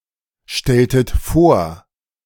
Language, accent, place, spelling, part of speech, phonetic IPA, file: German, Germany, Berlin, stelltet vor, verb, [ˌʃtɛltət ˈfoːɐ̯], De-stelltet vor.ogg
- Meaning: inflection of vorstellen: 1. second-person plural preterite 2. second-person plural subjunctive II